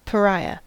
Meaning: Synonym of outcast: A person despised and excluded by their family, community, or society, especially a member of the untouchable castes in Indian society
- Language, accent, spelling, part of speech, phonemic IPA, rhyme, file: English, US, pariah, noun, /pəˈɹaɪə/, -aɪə, En-us-pariah.ogg